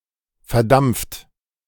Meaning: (verb) past participle of verdampfen; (adjective) 1. vaporized 2. evaporated
- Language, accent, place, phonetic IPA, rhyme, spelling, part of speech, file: German, Germany, Berlin, [fɛɐ̯ˈdamp͡ft], -amp͡ft, verdampft, verb, De-verdampft.ogg